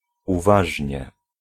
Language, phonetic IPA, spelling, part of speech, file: Polish, [uˈvaʒʲɲɛ], uważnie, adverb, Pl-uważnie.ogg